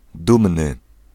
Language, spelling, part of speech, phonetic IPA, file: Polish, dumny, adjective, [ˈdũmnɨ], Pl-dumny.ogg